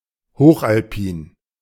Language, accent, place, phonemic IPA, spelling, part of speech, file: German, Germany, Berlin, /ˈhoːχʔalˌpiːn/, hochalpin, adjective, De-hochalpin.ogg
- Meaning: high-alpine